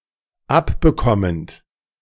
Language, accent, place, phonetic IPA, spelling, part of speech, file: German, Germany, Berlin, [ˈapbəˌkɔmənt], abbekommend, verb, De-abbekommend.ogg
- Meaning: present participle of abbekommen